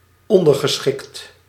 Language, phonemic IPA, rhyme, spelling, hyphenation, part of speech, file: Dutch, /ˌɔn.dər.ɣəˈsxɪkt/, -ɪkt, ondergeschikt, on‧der‧ge‧schikt, adjective, Nl-ondergeschikt.ogg
- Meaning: subordinate